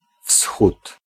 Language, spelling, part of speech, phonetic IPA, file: Polish, wschód, noun, [fsxut], Pl-wschód.ogg